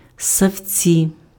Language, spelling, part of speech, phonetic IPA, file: Ukrainian, ссавці, noun, [sːɐu̯ˈt͡sʲi], Uk-ссавці.ogg
- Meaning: 1. nominative plural of ссаве́ць (ssavécʹ) 2. Mammalia